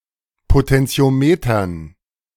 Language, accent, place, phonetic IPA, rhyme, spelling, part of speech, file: German, Germany, Berlin, [potɛnt͡si̯oˈmeːtɐn], -eːtɐn, Potentiometern, noun, De-Potentiometern.ogg
- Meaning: dative plural of Potentiometer